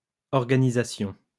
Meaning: plural of organisation
- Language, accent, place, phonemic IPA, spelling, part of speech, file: French, France, Lyon, /ɔʁ.ɡa.ni.za.sjɔ̃/, organisations, noun, LL-Q150 (fra)-organisations.wav